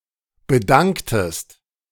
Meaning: inflection of bedanken: 1. second-person singular preterite 2. second-person singular subjunctive II
- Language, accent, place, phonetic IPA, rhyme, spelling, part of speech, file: German, Germany, Berlin, [bəˈdaŋktəst], -aŋktəst, bedanktest, verb, De-bedanktest.ogg